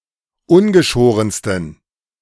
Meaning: 1. superlative degree of ungeschoren 2. inflection of ungeschoren: strong genitive masculine/neuter singular superlative degree
- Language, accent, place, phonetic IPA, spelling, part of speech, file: German, Germany, Berlin, [ˈʊnɡəˌʃoːʁənstn̩], ungeschorensten, adjective, De-ungeschorensten.ogg